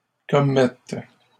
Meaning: second-person singular present subjunctive of commettre
- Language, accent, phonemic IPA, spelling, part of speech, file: French, Canada, /kɔ.mɛt/, commettes, verb, LL-Q150 (fra)-commettes.wav